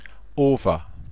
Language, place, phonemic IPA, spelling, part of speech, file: German, Bavaria, /ˈoːfən/, Ofen, noun / proper noun, BY-Ofen.ogg
- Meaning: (noun) 1. clipping of Backofen (“oven”) 2. stove 3. furnace 4. clipping of Brennofen (“kiln”); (proper noun) Buda, the western part of the Hungarian capital Budapest